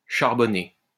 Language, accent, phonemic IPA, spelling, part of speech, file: French, France, /ʃaʁ.bɔ.ne/, charbonner, verb, LL-Q150 (fra)-charbonner.wav
- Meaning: 1. to turn into coal 2. to produce coal 3. to become coal 4. to work 5. to deal (to sell drugs)